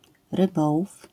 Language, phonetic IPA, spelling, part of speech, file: Polish, [rɨˈbɔwuf], rybołów, noun, LL-Q809 (pol)-rybołów.wav